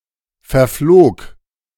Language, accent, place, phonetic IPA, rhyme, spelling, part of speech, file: German, Germany, Berlin, [fɛɐ̯ˈfloːk], -oːk, verflog, verb, De-verflog.ogg
- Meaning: first/third-person singular preterite of verfliegen